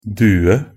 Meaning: a dove or pigeon; culver (one of several birds of the family Columbidae, which consists of more than 300 species)
- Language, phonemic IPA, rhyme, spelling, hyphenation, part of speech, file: Norwegian Bokmål, /ˈdʉːə/, -ʉːə, due, du‧e, noun, Nb-due.ogg